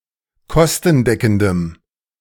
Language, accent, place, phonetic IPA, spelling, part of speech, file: German, Germany, Berlin, [ˈkɔstn̩ˌdɛkn̩dəm], kostendeckendem, adjective, De-kostendeckendem.ogg
- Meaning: strong dative masculine/neuter singular of kostendeckend